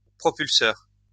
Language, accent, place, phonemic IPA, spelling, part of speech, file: French, France, Lyon, /pʁɔ.pyl.sœʁ/, propulseur, noun, LL-Q150 (fra)-propulseur.wav
- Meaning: 1. propeller 2. spear thrower